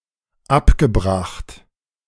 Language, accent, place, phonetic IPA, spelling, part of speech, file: German, Germany, Berlin, [ˈapɡəˌbʁaxt], abgebracht, verb, De-abgebracht.ogg
- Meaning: past participle of abbringen